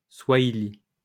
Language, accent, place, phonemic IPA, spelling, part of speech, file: French, France, Lyon, /swa.i.li/, swahili, noun / adjective, LL-Q150 (fra)-swahili.wav
- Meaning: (noun) Swahili (language); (adjective) Swahili